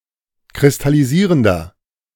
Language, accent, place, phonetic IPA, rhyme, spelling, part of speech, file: German, Germany, Berlin, [kʁɪstaliˈziːʁəndɐ], -iːʁəndɐ, kristallisierender, adjective, De-kristallisierender.ogg
- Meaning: inflection of kristallisierend: 1. strong/mixed nominative masculine singular 2. strong genitive/dative feminine singular 3. strong genitive plural